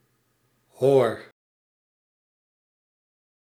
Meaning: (interjection) modal particle indicating reassurance or confidence from the speaker: certainly, surely, at all, but often weak and untranslatable
- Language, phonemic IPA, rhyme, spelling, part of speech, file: Dutch, /ɦoːr/, -oːr, hoor, interjection / noun / verb, Nl-hoor.ogg